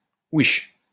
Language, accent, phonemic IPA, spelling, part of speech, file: French, France, /wiʃ/, ouiche, noun, LL-Q150 (fra)-ouiche.wav
- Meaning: quiche